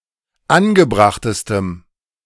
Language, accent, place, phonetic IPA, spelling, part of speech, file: German, Germany, Berlin, [ˈanɡəˌbʁaxtəstəm], angebrachtestem, adjective, De-angebrachtestem.ogg
- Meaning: strong dative masculine/neuter singular superlative degree of angebracht